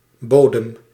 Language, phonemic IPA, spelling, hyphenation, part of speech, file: Dutch, /ˈboː.dəm/, bodem, bo‧dem, noun, Nl-bodem.ogg
- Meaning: 1. bottom (e.g. of a box or of the sea) 2. soil, ground 3. territory 4. ship, vessel